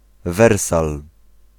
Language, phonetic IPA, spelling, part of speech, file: Polish, [ˈvɛrsal], Wersal, proper noun, Pl-Wersal.ogg